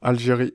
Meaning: Algeria (a country in North Africa; capital and largest city: Alger)
- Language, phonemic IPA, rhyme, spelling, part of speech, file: French, /al.ʒe.ʁi/, -i, Algérie, proper noun, Fr-Algérie.ogg